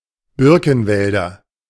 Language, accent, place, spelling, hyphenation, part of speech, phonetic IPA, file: German, Germany, Berlin, Birkenwälder, Bir‧ken‧wäl‧der, noun, [ˈbɪʁkn̩ˌvɛldɐ], De-Birkenwälder.ogg
- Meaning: nominative/accusative/genitive plural of Birkenwald